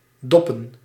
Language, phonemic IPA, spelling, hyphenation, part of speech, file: Dutch, /ˈdɔpə(n)/, doppen, dop‧pen, verb / noun, Nl-doppen.ogg
- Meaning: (verb) 1. to pod (remove beans or peas from their pods) 2. to be on the dole, enjoy unemployment benefits 3. to fuck; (noun) plural of dop